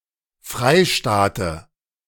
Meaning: dative singular of Freistaat
- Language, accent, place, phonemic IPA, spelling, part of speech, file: German, Germany, Berlin, /ˈfʁaɪ̯ˌʃtaːtə/, Freistaate, noun, De-Freistaate.ogg